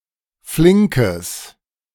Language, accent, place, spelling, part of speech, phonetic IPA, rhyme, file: German, Germany, Berlin, flinkes, adjective, [ˈflɪŋkəs], -ɪŋkəs, De-flinkes.ogg
- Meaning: strong/mixed nominative/accusative neuter singular of flink